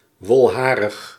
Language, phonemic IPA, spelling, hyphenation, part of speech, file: Dutch, /ˈʋɔlˌɦaː.rəx/, wolharig, wol‧ha‧rig, adjective, Nl-wolharig.ogg
- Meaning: 1. woolly, having woolly fur hairs 2. densely hairy